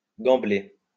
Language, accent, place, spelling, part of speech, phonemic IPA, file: French, France, Lyon, gambler, verb, /ɡɑ̃.ble/, LL-Q150 (fra)-gambler.wav
- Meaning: to gamble